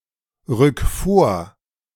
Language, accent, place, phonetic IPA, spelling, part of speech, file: German, Germany, Berlin, [ˌʁʏk ˈfoːɐ̯], rück vor, verb, De-rück vor.ogg
- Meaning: 1. singular imperative of vorrücken 2. first-person singular present of vorrücken